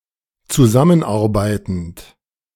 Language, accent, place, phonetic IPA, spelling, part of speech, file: German, Germany, Berlin, [t͡suˈzamənˌʔaʁbaɪ̯tn̩t], zusammenarbeitend, verb, De-zusammenarbeitend.ogg
- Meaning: present participle of zusammenarbeiten